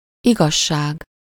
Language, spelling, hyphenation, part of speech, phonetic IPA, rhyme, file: Hungarian, igazság, igaz‧ság, noun, [ˈiɡɒʃːaːɡ], -aːɡ, Hu-igazság.ogg
- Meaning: 1. truth 2. synonym of igazságosság, jogszerűség (“justice”)